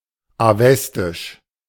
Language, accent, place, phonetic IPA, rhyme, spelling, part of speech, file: German, Germany, Berlin, [aˈvɛstɪʃ], -ɛstɪʃ, awestisch, adjective, De-awestisch.ogg
- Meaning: Avestan